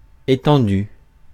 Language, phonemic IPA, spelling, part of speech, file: French, /e.tɑ̃.dy/, étendue, verb / noun, Fr-étendue.ogg
- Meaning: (verb) feminine singular of étendu; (noun) 1. expanse, area (of land, water etc.) 2. size (of a country, collection etc.) 3. scale, range, extent (of knowledge, damage etc.); depth (of ignorance)